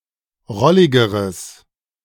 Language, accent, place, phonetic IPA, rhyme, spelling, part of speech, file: German, Germany, Berlin, [ˈʁɔlɪɡəʁəs], -ɔlɪɡəʁəs, rolligeres, adjective, De-rolligeres.ogg
- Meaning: strong/mixed nominative/accusative neuter singular comparative degree of rollig